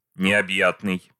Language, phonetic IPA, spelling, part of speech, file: Russian, [nʲɪɐbˈjatnɨj], необъятный, adjective, Ru-необъятный.ogg
- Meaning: immense, vast, boundless